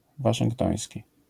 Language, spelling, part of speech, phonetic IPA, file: Polish, waszyngtoński, adjective, [ˌvaʃɨ̃ŋkˈtɔ̃j̃sʲci], LL-Q809 (pol)-waszyngtoński.wav